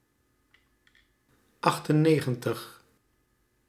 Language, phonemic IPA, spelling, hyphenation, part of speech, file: Dutch, /ˌɑx.təˈneː.ɣə(n).təx/, achtennegentig, acht‧en‧ne‧gen‧tig, numeral, Nl-achtennegentig.ogg
- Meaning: ninety-eight